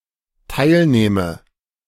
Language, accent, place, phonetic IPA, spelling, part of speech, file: German, Germany, Berlin, [ˈtaɪ̯lˌnɛːmə], teilnähme, verb, De-teilnähme.ogg
- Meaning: first/third-person singular dependent subjunctive II of teilnehmen